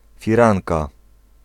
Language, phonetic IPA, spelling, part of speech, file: Polish, [fʲiˈrãnka], firanka, noun, Pl-firanka.ogg